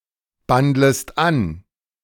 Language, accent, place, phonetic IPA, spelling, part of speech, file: German, Germany, Berlin, [ˌbandləst ˈan], bandlest an, verb, De-bandlest an.ogg
- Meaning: second-person singular subjunctive I of anbandeln